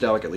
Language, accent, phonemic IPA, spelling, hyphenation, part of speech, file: English, US, /ˈdɛlɪkətli/, delicately, del‧i‧cate‧ly, adverb, En-us-delicately.ogg
- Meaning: 1. In a delicate manner; exquisitely 2. Tactfully